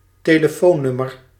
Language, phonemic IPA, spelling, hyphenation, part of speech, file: Dutch, /teː.ləˈfoːˌnʏ.mər/, telefoonnummer, te‧le‧foon‧num‧mer, noun, Nl-telefoonnummer.ogg
- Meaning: telephone number